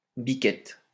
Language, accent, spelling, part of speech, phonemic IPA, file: French, France, biquette, noun / verb, /bi.kɛt/, LL-Q150 (fra)-biquette.wav
- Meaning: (noun) kid (baby goat); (verb) inflection of biqueter: 1. first/third-person singular present indicative/subjunctive 2. second-person singular imperative